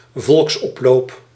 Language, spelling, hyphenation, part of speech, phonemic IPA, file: Dutch, volksoploop, volks‧op‧loop, noun, /ˈvɔlks.ɔpˌloːp/, Nl-volksoploop.ogg
- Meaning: a more or less spontaneous mass gathering of people at a location, often in order to protest or with a riotous atmosphere